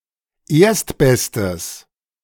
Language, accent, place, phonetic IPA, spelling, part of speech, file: German, Germany, Berlin, [ˈeːɐ̯stˌbɛstəs], erstbestes, adjective, De-erstbestes.ogg
- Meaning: strong/mixed nominative/accusative neuter singular of erstbester